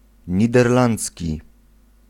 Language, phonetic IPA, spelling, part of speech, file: Polish, [ˌɲidɛrˈlãnt͡sʲci], niderlandzki, adjective / noun, Pl-niderlandzki.ogg